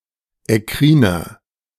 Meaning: inflection of ekkrin: 1. strong/mixed nominative masculine singular 2. strong genitive/dative feminine singular 3. strong genitive plural
- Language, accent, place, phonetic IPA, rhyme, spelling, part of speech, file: German, Germany, Berlin, [ɛˈkʁiːnɐ], -iːnɐ, ekkriner, adjective, De-ekkriner.ogg